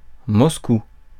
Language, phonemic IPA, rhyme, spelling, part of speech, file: French, /mɔs.ku/, -u, Moscou, proper noun, Fr-Moscou.ogg
- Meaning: Moscow (a federal city, the capital of Russia)